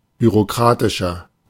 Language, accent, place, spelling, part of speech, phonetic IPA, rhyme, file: German, Germany, Berlin, bürokratischer, adjective, [byʁoˈkʁaːtɪʃɐ], -aːtɪʃɐ, De-bürokratischer.ogg
- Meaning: 1. comparative degree of bürokratisch 2. inflection of bürokratisch: strong/mixed nominative masculine singular 3. inflection of bürokratisch: strong genitive/dative feminine singular